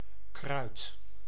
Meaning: 1. herb, herbaceous plant 2. potherb, medicinal herb 3. spice
- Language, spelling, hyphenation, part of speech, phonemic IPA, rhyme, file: Dutch, kruid, kruid, noun, /krœy̯t/, -œy̯t, Nl-kruid.ogg